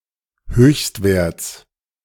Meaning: genitive singular of Höchstwert
- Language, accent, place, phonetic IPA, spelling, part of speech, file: German, Germany, Berlin, [ˈhøːçstˌveːɐ̯t͡s], Höchstwerts, noun, De-Höchstwerts.ogg